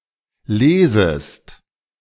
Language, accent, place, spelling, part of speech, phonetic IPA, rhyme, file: German, Germany, Berlin, lesest, verb, [ˈleːzəst], -eːzəst, De-lesest.ogg
- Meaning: second-person singular subjunctive I of lesen